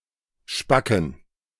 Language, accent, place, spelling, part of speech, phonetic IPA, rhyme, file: German, Germany, Berlin, spacken, verb / adjective, [ˈʃpakn̩], -akn̩, De-spacken.ogg
- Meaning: inflection of spack: 1. strong genitive masculine/neuter singular 2. weak/mixed genitive/dative all-gender singular 3. strong/weak/mixed accusative masculine singular 4. strong dative plural